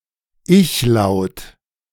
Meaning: alternative spelling of Ich-Laut
- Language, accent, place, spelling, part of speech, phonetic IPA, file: German, Germany, Berlin, Ichlaut, noun, [ˈɪçˌlaʊ̯t], De-Ichlaut.ogg